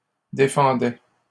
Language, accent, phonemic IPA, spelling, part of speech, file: French, Canada, /de.fɑ̃.dɛ/, défendait, verb, LL-Q150 (fra)-défendait.wav
- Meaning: third-person singular imperfect indicative of défendre